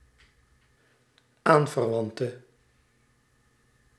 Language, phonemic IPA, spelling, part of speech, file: Dutch, /ˈaɱvərˌwɑntə/, aanverwante, noun / adjective, Nl-aanverwante.ogg
- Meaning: inflection of aanverwant: 1. masculine/feminine singular attributive 2. definite neuter singular attributive 3. plural attributive